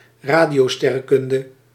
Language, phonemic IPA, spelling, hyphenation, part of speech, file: Dutch, /ˈraː.di.oːˌstɛ.rə(n).kʏn.də/, radiosterrenkunde, ra‧dio‧ster‧ren‧kun‧de, noun, Nl-radiosterrenkunde.ogg
- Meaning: radio astronomy